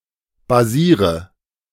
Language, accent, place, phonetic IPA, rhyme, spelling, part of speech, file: German, Germany, Berlin, [baˈziːʁə], -iːʁə, basiere, verb, De-basiere.ogg
- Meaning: inflection of basieren: 1. first-person singular present 2. singular imperative 3. first/third-person singular subjunctive I